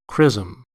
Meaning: A mixture of oil and balm, consecrated for use as an anointing fluid in certain Christian ceremonies, especially confirmation
- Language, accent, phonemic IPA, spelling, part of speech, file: English, US, /ˈkɹɪz(ə)m/, chrism, noun, En-us-chrism.ogg